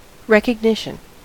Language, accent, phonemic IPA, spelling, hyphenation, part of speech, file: English, US, /ˌɹɛkəɡˈnɪʃ(ə)n/, recognition, re‧cog‧ni‧tion, noun, En-us-recognition.ogg
- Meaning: 1. The act of recognizing or the condition of being recognized (matching a current observation with a memory of a prior observation of the same entity) 2. Acceptance as valid or true